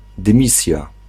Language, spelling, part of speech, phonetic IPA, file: Polish, dymisja, noun, [dɨ̃ˈmʲisʲja], Pl-dymisja.ogg